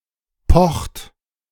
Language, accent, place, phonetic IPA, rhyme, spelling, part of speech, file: German, Germany, Berlin, [pɔxt], -ɔxt, pocht, verb, De-pocht.ogg
- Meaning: inflection of pochen: 1. third-person singular present 2. second-person plural present 3. plural imperative